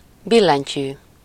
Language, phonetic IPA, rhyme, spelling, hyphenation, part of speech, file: Hungarian, [ˈbilːɛɲcyː], -cyː, billentyű, bil‧len‧tyű, noun, Hu-billentyű.ogg
- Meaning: 1. key (button on a typewriter or computer keyboard) 2. valve